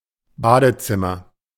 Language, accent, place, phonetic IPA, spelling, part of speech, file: German, Germany, Berlin, [ˈbaːdəˌt͡sɪmɐ], Badezimmer, noun, De-Badezimmer.ogg
- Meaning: bathroom (a room in a private dwelling where people wash themselves, containing a shower and/or bathtub)